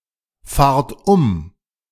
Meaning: inflection of umfahren: 1. second-person plural present 2. plural imperative
- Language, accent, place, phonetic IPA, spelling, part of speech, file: German, Germany, Berlin, [ˌfaːɐ̯t ˈʊm], fahrt um, verb, De-fahrt um.ogg